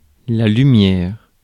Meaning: 1. light 2. lumen 3. traffic light 4. headlight; headlamp
- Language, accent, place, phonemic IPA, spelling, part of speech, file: French, France, Paris, /ly.mjɛʁ/, lumière, noun, Fr-lumière.ogg